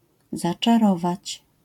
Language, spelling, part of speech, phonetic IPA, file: Polish, zaczarować, verb, [ˌzat͡ʃaˈrɔvat͡ɕ], LL-Q809 (pol)-zaczarować.wav